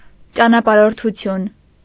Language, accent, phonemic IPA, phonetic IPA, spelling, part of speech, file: Armenian, Eastern Armenian, /t͡ʃɑnɑpɑɾoɾtʰuˈtʰjun/, [t͡ʃɑnɑpɑɾoɾtʰut͡sʰjún], ճանապարհորդություն, noun, Hy-ճանապարհորդություն.ogg
- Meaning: travel, journey, voyage